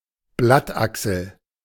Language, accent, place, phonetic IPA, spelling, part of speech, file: German, Germany, Berlin, [ˈblatˌʔaksl̩], Blattachsel, noun, De-Blattachsel.ogg
- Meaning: axil; axilla (angle or point of divergence)